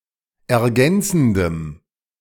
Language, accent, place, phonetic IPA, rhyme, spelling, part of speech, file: German, Germany, Berlin, [ɛɐ̯ˈɡɛnt͡sn̩dəm], -ɛnt͡sn̩dəm, ergänzendem, adjective, De-ergänzendem.ogg
- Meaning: strong dative masculine/neuter singular of ergänzend